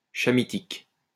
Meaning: Hamitic (relative to the Hamites)
- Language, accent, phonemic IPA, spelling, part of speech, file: French, France, /ʃa.mi.tik/, chamitique, adjective, LL-Q150 (fra)-chamitique.wav